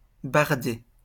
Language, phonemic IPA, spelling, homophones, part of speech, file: French, /baʁ.de/, barder, bardai / bardé / bardée / bardées / bardés / bardez, verb, LL-Q150 (fra)-barder.wav
- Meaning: 1. to bard 2. to clad (add cladding to a wall) 3. to transport wood onto a boat 4. kick off; (used to express that trouble occurs)